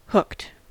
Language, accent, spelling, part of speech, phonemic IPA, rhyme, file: English, US, hooked, verb / adjective, /hʊkt/, -ʊkt, En-us-hooked.ogg
- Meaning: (verb) simple past and past participle of hook; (adjective) 1. Having a sharp curve at the end; resembling a hook 2. Addicted; unable to resist or cease doing